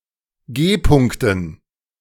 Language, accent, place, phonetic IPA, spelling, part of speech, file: German, Germany, Berlin, [ˈɡeːˌpʊŋktn̩], G-Punkten, noun, De-G-Punkten.ogg
- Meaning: dative plural of G-Punkt